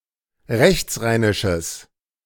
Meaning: strong/mixed nominative/accusative neuter singular of rechtsrheinisch
- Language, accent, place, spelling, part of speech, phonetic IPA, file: German, Germany, Berlin, rechtsrheinisches, adjective, [ˈʁɛçt͡sˌʁaɪ̯nɪʃəs], De-rechtsrheinisches.ogg